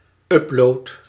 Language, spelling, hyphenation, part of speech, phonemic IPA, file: Dutch, upload, up‧load, noun / verb, /ˈʏp.loːt/, Nl-upload.ogg
- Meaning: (noun) upload (file transfer); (verb) inflection of uploaden: 1. first-person singular present indicative 2. second-person singular present indicative 3. imperative